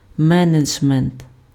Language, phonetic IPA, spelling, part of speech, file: Ukrainian, [ˈmɛned͡ʒment], менеджмент, noun, Uk-менеджмент.ogg
- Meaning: management